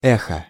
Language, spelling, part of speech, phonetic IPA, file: Russian, эхо, noun, [ˈɛxə], Ru-эхо.ogg
- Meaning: echo